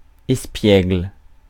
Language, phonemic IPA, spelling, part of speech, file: French, /ɛs.pjɛɡl/, espiègle, noun / adjective, Fr-espiègle.ogg
- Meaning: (noun) prankster, imp, rascal; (adjective) 1. playful, frolicsome 2. impish, mischievous 3. skittish